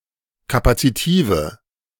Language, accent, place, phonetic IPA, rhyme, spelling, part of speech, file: German, Germany, Berlin, [ˌkapat͡siˈtiːvə], -iːvə, kapazitive, adjective, De-kapazitive.ogg
- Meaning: inflection of kapazitiv: 1. strong/mixed nominative/accusative feminine singular 2. strong nominative/accusative plural 3. weak nominative all-gender singular